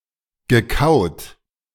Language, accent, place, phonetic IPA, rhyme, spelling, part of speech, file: German, Germany, Berlin, [ɡəˈkaʊ̯t], -aʊ̯t, gekaut, verb, De-gekaut.ogg
- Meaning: past participle of kauen